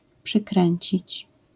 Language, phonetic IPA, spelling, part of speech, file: Polish, [pʃɨˈkrɛ̃ɲt͡ɕit͡ɕ], przykręcić, verb, LL-Q809 (pol)-przykręcić.wav